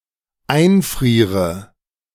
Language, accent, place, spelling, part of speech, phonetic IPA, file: German, Germany, Berlin, einfriere, verb, [ˈaɪ̯nˌfʁiːʁə], De-einfriere.ogg
- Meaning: inflection of einfrieren: 1. first-person singular dependent present 2. first/third-person singular dependent subjunctive I